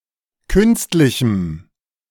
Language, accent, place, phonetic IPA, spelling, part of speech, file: German, Germany, Berlin, [ˈkʏnstlɪçm̩], künstlichem, adjective, De-künstlichem.ogg
- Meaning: strong dative masculine/neuter singular of künstlich